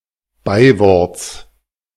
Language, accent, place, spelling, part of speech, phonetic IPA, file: German, Germany, Berlin, Beiworts, noun, [ˈbaɪ̯ˌvɔʁt͡s], De-Beiworts.ogg
- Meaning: genitive singular of Beiwort